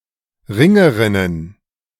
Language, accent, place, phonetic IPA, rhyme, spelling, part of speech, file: German, Germany, Berlin, [ˈʁɪŋəʁɪnən], -ɪŋəʁɪnən, Ringerinnen, noun, De-Ringerinnen.ogg
- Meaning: plural of Ringerin